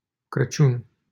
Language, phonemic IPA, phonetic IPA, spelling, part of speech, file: Romanian, /krəˈtʃjun/, [krəˈt͡ʃun], Crăciun, proper noun, LL-Q7913 (ron)-Crăciun.wav
- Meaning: 1. Christmas 2. a surname